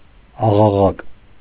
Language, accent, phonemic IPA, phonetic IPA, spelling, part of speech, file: Armenian, Eastern Armenian, /ɑʁɑˈʁɑk/, [ɑʁɑʁɑ́k], աղաղակ, noun, Hy-աղաղակ.ogg
- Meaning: 1. cry, shout; yell, scream 2. uproar, noise